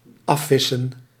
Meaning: 1. to cover an entire stretch of water in one's fishing (takes bodies of water as the direct object) 2. to search thoroughly, especially in water (takes bodies of water as the direct object)
- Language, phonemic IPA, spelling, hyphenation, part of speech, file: Dutch, /ˈɑˌfɪ.sə(n)/, afvissen, af‧vis‧sen, verb, Nl-afvissen.ogg